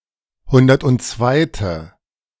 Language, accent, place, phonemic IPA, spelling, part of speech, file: German, Germany, Berlin, /ˈhʊndɐtʔʊntˈt͡svaɪ̯tə/, hundertundzweite, adjective, De-hundertundzweite.ogg
- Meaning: hundred-and-second